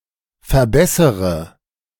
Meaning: inflection of verbessern: 1. first-person singular present 2. first/third-person singular subjunctive I 3. singular imperative
- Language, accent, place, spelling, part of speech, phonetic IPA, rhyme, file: German, Germany, Berlin, verbessere, verb, [fɛɐ̯ˈbɛsəʁə], -ɛsəʁə, De-verbessere.ogg